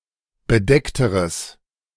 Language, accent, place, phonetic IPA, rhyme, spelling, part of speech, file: German, Germany, Berlin, [bəˈdɛktəʁəs], -ɛktəʁəs, bedeckteres, adjective, De-bedeckteres.ogg
- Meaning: strong/mixed nominative/accusative neuter singular comparative degree of bedeckt